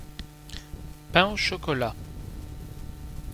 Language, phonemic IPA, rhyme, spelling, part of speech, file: French, /pɛ̃ o ʃɔ.kɔ.la/, -a, pain au chocolat, noun, Fr-pain au chocolat.ogg
- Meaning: pain au chocolat (French pastry filled with chocolate)